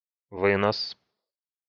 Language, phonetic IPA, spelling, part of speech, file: Russian, [ˈvɨnəs], вынос, noun, Ru-вынос.ogg
- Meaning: 1. carrying-out, bearing-out; carryover 2. removal